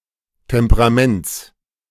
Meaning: genitive singular of Temperament
- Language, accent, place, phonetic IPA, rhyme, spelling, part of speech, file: German, Germany, Berlin, [tɛmpəʁaˈmɛnt͡s], -ɛnt͡s, Temperaments, noun, De-Temperaments.ogg